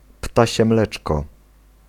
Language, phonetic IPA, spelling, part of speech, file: Polish, [ˈptaɕɛ ˈmlɛt͡ʃkɔ], ptasie mleczko, noun, Pl-ptasie mleczko.ogg